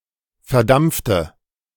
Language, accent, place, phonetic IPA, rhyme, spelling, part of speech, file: German, Germany, Berlin, [fɛɐ̯ˈdamp͡ftə], -amp͡ftə, verdampfte, adjective / verb, De-verdampfte.ogg
- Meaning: inflection of verdampft: 1. strong/mixed nominative/accusative feminine singular 2. strong nominative/accusative plural 3. weak nominative all-gender singular